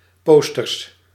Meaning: plural of poster (“poster”)
- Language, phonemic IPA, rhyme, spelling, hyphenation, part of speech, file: Dutch, /ˈpoːs.tərs/, -oːstərs, posters, pos‧ters, noun, Nl-posters.ogg